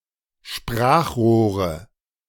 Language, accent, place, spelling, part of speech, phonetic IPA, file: German, Germany, Berlin, Sprachrohre, noun, [ˈʃpʁaːxˌʁoːʁə], De-Sprachrohre.ogg
- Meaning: 1. nominative/accusative/genitive plural of Sprachrohr 2. dative singular of Sprachrohr